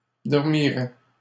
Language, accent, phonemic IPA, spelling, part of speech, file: French, Canada, /dɔʁ.mi.ʁɛ/, dormirait, verb, LL-Q150 (fra)-dormirait.wav
- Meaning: third-person singular conditional of dormir